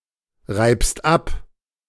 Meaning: second-person singular present of abreiben
- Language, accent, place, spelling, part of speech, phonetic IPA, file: German, Germany, Berlin, reibst ab, verb, [ˌʁaɪ̯pst ˈap], De-reibst ab.ogg